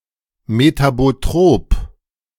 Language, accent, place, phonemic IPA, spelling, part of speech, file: German, Germany, Berlin, /metaboˈtʁoːp/, metabotrop, adjective, De-metabotrop.ogg
- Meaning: metabotropic